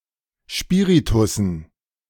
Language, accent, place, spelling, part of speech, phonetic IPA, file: German, Germany, Berlin, Spiritussen, noun, [ˈspiːʁitʊsn̩], De-Spiritussen.ogg
- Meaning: dative plural of Spiritus